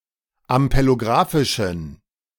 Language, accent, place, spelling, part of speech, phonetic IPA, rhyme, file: German, Germany, Berlin, ampelographischen, adjective, [ampeloˈɡʁaːfɪʃn̩], -aːfɪʃn̩, De-ampelographischen.ogg
- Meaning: inflection of ampelographisch: 1. strong genitive masculine/neuter singular 2. weak/mixed genitive/dative all-gender singular 3. strong/weak/mixed accusative masculine singular 4. strong dative plural